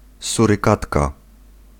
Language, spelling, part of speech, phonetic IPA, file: Polish, surykatka, noun, [ˌsurɨˈkatka], Pl-surykatka.ogg